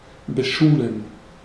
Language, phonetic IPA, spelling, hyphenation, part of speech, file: German, [bəˈʃuːlən], beschulen, be‧schu‧len, verb, De-beschulen.ogg
- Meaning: 1. to provide with (schools and) school lessons 2. to give someone school lessons